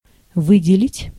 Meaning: 1. to pick out, to choose, to single out, to select 2. to allot, to mark 3. to detach, to find, to provide (a military unit) 4. to apportion 5. to mark out, to distinguish, to emphasize
- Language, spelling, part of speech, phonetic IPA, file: Russian, выделить, verb, [ˈvɨdʲɪlʲɪtʲ], Ru-выделить.ogg